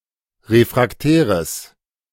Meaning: strong/mixed nominative/accusative neuter singular of refraktär
- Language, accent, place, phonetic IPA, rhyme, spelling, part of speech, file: German, Germany, Berlin, [ˌʁefʁakˈtɛːʁəs], -ɛːʁəs, refraktäres, adjective, De-refraktäres.ogg